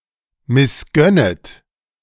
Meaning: second-person plural subjunctive I of missgönnen
- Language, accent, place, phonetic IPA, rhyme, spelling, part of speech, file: German, Germany, Berlin, [mɪsˈɡœnət], -œnət, missgönnet, verb, De-missgönnet.ogg